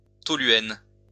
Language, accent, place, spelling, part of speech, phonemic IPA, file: French, France, Lyon, toluène, noun, /tɔ.lɥɛn/, LL-Q150 (fra)-toluène.wav
- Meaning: toluene (liquid hydrocarbon)